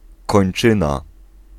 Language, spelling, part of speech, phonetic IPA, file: Polish, kończyna, noun, [kɔ̃j̃n͇ˈt͡ʃɨ̃na], Pl-kończyna.ogg